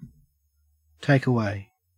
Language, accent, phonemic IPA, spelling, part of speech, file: English, Australia, /ˌteɪk əˈweɪ/, take away, verb / preposition / noun, En-au-take-away.ogg
- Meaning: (verb) 1. To remove something and put it in a different place 2. To remove something, either material or abstract, so that a person no longer has it